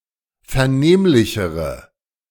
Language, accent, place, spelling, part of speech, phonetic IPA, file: German, Germany, Berlin, vernehmlichere, adjective, [fɛɐ̯ˈneːmlɪçəʁə], De-vernehmlichere.ogg
- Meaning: inflection of vernehmlich: 1. strong/mixed nominative/accusative feminine singular comparative degree 2. strong nominative/accusative plural comparative degree